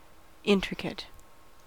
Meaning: 1. Having a great deal of fine detail or complexity 2. Difficult to disentangle, puzzle apart, or resolve; enigmatic, obscure
- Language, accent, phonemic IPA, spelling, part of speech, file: English, US, /ˈɪn.tɹɪ.kət/, intricate, adjective, En-us-intricate.ogg